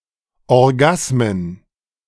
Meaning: plural of Orgasmus
- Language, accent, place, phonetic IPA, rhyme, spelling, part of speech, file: German, Germany, Berlin, [ɔʁˈɡasmən], -asmən, Orgasmen, noun, De-Orgasmen.ogg